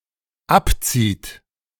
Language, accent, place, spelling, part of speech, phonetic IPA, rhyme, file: German, Germany, Berlin, abzieht, verb, [ˈapˌt͡siːt], -apt͡siːt, De-abzieht.ogg
- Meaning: inflection of abziehen: 1. third-person singular dependent present 2. second-person plural dependent present